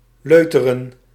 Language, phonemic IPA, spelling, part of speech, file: Dutch, /ˈløː.tə.rə(n)/, leuteren, verb, Nl-leuteren.ogg
- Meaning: 1. to dawdle, loiter 2. to chatter idly